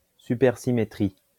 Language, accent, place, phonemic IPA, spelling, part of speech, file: French, France, Lyon, /sy.pɛʁ.si.me.tʁi/, supersymétrie, noun, LL-Q150 (fra)-supersymétrie.wav
- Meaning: supersymmetry